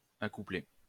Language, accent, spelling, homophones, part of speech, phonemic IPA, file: French, France, accouplé, accouplai / accouplée / accouplées / accoupler / accouplés / accouplez, verb, /a.ku.ple/, LL-Q150 (fra)-accouplé.wav
- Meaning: past participle of accoupler